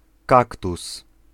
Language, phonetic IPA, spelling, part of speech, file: Polish, [ˈkaktus], kaktus, noun, Pl-kaktus.ogg